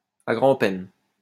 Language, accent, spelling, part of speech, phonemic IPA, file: French, France, à grand-peine, adverb, /a ɡʁɑ̃.pɛn/, LL-Q150 (fra)-à grand-peine.wav
- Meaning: with great difficulty